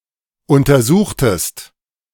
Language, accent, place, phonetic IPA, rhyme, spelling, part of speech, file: German, Germany, Berlin, [ˌʊntɐˈzuːxtəst], -uːxtəst, untersuchtest, verb, De-untersuchtest.ogg
- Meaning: inflection of untersuchen: 1. second-person singular preterite 2. second-person singular subjunctive II